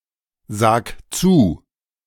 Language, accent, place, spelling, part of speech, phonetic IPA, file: German, Germany, Berlin, sag zu, verb, [ˌzaːk ˈt͡suː], De-sag zu.ogg
- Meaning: 1. singular imperative of zusagen 2. first-person singular present of zusagen